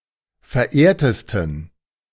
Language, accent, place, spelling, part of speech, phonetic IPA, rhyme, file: German, Germany, Berlin, verehrtesten, adjective, [fɛɐ̯ˈʔeːɐ̯təstn̩], -eːɐ̯təstn̩, De-verehrtesten.ogg
- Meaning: 1. superlative degree of verehrt 2. inflection of verehrt: strong genitive masculine/neuter singular superlative degree